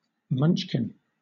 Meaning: 1. A child 2. A person of very short stature 3. Alternative letter-case form of Munchkin (“domestic cat breed”)
- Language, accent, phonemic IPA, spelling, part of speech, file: English, Southern England, /ˈmʌnʃkɪn/, munchkin, noun, LL-Q1860 (eng)-munchkin.wav